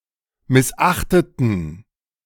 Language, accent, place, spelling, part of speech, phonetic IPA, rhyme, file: German, Germany, Berlin, missachteten, adjective / verb, [mɪsˈʔaxtətn̩], -axtətn̩, De-missachteten.ogg
- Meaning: inflection of missachten: 1. first/third-person plural preterite 2. first/third-person plural subjunctive II